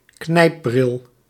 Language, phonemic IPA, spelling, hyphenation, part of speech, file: Dutch, /ˈknɛi̯p.brɪl/, knijpbril, knijp‧bril, noun, Nl-knijpbril.ogg
- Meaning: pince-nez